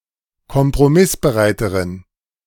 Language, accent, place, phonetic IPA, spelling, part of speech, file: German, Germany, Berlin, [kɔmpʁoˈmɪsbəˌʁaɪ̯təʁən], kompromissbereiteren, adjective, De-kompromissbereiteren.ogg
- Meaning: inflection of kompromissbereit: 1. strong genitive masculine/neuter singular comparative degree 2. weak/mixed genitive/dative all-gender singular comparative degree